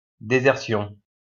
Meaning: desertion
- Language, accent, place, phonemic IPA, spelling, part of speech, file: French, France, Lyon, /de.zɛʁ.sjɔ̃/, désertion, noun, LL-Q150 (fra)-désertion.wav